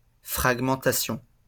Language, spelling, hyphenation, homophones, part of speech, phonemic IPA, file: French, fragmentation, frag‧men‧ta‧tion, fragmentations, noun, /fʁaɡ.mɑ̃.ta.sjɔ̃/, LL-Q150 (fra)-fragmentation.wav
- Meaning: fragmentation